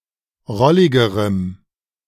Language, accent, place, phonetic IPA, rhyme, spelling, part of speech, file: German, Germany, Berlin, [ˈʁɔlɪɡəʁəm], -ɔlɪɡəʁəm, rolligerem, adjective, De-rolligerem.ogg
- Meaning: strong dative masculine/neuter singular comparative degree of rollig